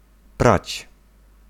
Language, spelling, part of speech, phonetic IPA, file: Polish, prać, verb, [prat͡ɕ], Pl-prać.ogg